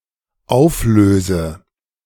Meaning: inflection of auflösen: 1. first-person singular dependent present 2. first/third-person singular dependent subjunctive I
- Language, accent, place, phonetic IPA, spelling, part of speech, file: German, Germany, Berlin, [ˈaʊ̯fˌløːzə], auflöse, verb, De-auflöse.ogg